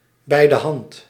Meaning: 1. bright, smart, sly, pedantic 2. forward, bold
- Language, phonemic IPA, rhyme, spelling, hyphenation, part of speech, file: Dutch, /ˌbɛi̯.dəˈɦɑnt/, -ɑnt, bijdehand, bij‧de‧hand, adjective, Nl-bijdehand.ogg